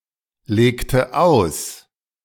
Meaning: inflection of auslegen: 1. first/third-person singular preterite 2. first/third-person singular subjunctive II
- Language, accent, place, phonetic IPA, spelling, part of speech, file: German, Germany, Berlin, [ˌleːktə ˈaʊ̯s], legte aus, verb, De-legte aus.ogg